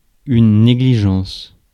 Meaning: negligence; carelessness
- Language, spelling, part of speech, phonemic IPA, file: French, négligence, noun, /ne.ɡli.ʒɑ̃s/, Fr-négligence.ogg